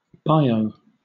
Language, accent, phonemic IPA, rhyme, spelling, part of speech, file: English, Southern England, /ˈbaɪəʊ/, -aɪəʊ, bio, noun / adjective, LL-Q1860 (eng)-bio.wav
- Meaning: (noun) 1. Clipping of biography 2. A short section of a user profile that contains information about the user, especially one which can be customised; the about me section 3. A biographical sketch